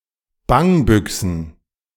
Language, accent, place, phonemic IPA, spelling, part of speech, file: German, Germany, Berlin, /ˈbaŋˌbʏksn̩/, Bangbüxen, noun, De-Bangbüxen.ogg
- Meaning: plural of Bangbüxe